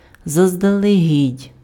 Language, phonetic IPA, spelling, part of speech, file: Ukrainian, [zɐzdɐɫeˈɦʲidʲ], заздалегідь, adverb, Uk-заздалегідь.ogg
- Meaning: in advance, beforehand